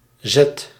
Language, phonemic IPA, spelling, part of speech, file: Dutch, /zɛt/, Z, character / adverb, Nl-Z.ogg
- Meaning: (character) The twenty-sixth and last letter of the Dutch alphabet, written in the Latin script; preceded by Y; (adverb) abbreviation of zuid; south